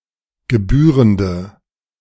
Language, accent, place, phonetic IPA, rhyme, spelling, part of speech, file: German, Germany, Berlin, [ɡəˈbyːʁəndə], -yːʁəndə, gebührende, adjective, De-gebührende.ogg
- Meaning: inflection of gebührend: 1. strong/mixed nominative/accusative feminine singular 2. strong nominative/accusative plural 3. weak nominative all-gender singular